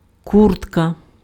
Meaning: jacket
- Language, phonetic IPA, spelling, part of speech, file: Ukrainian, [ˈkurtkɐ], куртка, noun, Uk-куртка.ogg